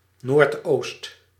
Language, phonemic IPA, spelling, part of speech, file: Dutch, /nortˈost/, noordoost, adverb, Nl-noordoost.ogg
- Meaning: 1. northeast 2. towards the northeast